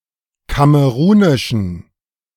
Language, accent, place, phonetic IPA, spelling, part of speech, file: German, Germany, Berlin, [ˈkaməʁuːnɪʃn̩], kamerunischen, adjective, De-kamerunischen.ogg
- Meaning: inflection of kamerunisch: 1. strong genitive masculine/neuter singular 2. weak/mixed genitive/dative all-gender singular 3. strong/weak/mixed accusative masculine singular 4. strong dative plural